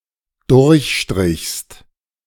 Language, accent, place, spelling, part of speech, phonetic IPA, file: German, Germany, Berlin, durchstrichst, verb, [ˈdʊʁçˌʃtʁɪçst], De-durchstrichst.ogg
- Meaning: second-person singular dependent preterite of durchstreichen